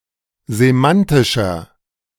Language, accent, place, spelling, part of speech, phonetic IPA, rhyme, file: German, Germany, Berlin, semantischer, adjective, [zeˈmantɪʃɐ], -antɪʃɐ, De-semantischer.ogg
- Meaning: inflection of semantisch: 1. strong/mixed nominative masculine singular 2. strong genitive/dative feminine singular 3. strong genitive plural